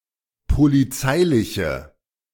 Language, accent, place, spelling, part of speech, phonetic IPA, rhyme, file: German, Germany, Berlin, polizeiliche, adjective, [poliˈt͡saɪ̯lɪçə], -aɪ̯lɪçə, De-polizeiliche.ogg
- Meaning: inflection of polizeilich: 1. strong/mixed nominative/accusative feminine singular 2. strong nominative/accusative plural 3. weak nominative all-gender singular